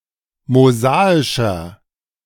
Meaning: inflection of mosaisch: 1. strong/mixed nominative masculine singular 2. strong genitive/dative feminine singular 3. strong genitive plural
- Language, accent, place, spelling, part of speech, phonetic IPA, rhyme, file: German, Germany, Berlin, mosaischer, adjective, [moˈzaːɪʃɐ], -aːɪʃɐ, De-mosaischer.ogg